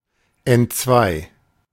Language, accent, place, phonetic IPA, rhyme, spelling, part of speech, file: German, Germany, Berlin, [ɛntˈt͡svaɪ̯], -aɪ̯, entzwei, adjective / verb, De-entzwei.ogg
- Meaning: 1. halved, divided (in two) 2. broken